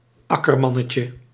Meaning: diminutive of akkerman
- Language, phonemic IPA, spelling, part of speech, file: Dutch, /ˈɑkərˌmɑnəcə/, akkermannetje, noun, Nl-akkermannetje.ogg